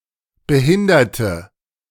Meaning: inflection of behindern: 1. first/third-person singular preterite 2. first/third-person singular subjunctive II
- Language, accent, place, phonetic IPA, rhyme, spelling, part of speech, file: German, Germany, Berlin, [bəˈhɪndɐtə], -ɪndɐtə, behinderte, adjective / verb, De-behinderte.ogg